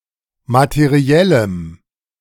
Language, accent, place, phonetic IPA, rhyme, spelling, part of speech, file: German, Germany, Berlin, [matəˈʁi̯ɛləm], -ɛləm, materiellem, adjective, De-materiellem.ogg
- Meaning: strong dative masculine/neuter singular of materiell